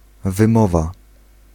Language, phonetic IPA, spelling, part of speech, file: Polish, [vɨ̃ˈmɔva], wymowa, noun, Pl-wymowa.ogg